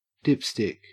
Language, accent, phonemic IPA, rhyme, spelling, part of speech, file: English, Australia, /ˈdɪpstɪk/, -ɪpstɪk, dipstick, noun / verb, En-au-dipstick.ogg
- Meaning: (noun) A stick or rod used to measure the depth of a liquid. Often used to check the level at which a liquid in an opaque or inaccessible tank or reservoir stands; gauge